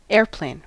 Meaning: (noun) A powered heavier-than-air aircraft with fixed wings: a fixed-wing aircraft with at least one engine or electric motor
- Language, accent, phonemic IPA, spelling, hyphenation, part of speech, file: English, US, /ˈɛɹˌpleɪ̯n/, airplane, air‧plane, noun / verb, En-us-airplane.ogg